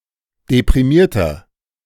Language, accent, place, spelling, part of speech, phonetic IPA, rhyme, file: German, Germany, Berlin, deprimierter, adjective, [depʁiˈmiːɐ̯tɐ], -iːɐ̯tɐ, De-deprimierter.ogg
- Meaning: 1. comparative degree of deprimiert 2. inflection of deprimiert: strong/mixed nominative masculine singular 3. inflection of deprimiert: strong genitive/dative feminine singular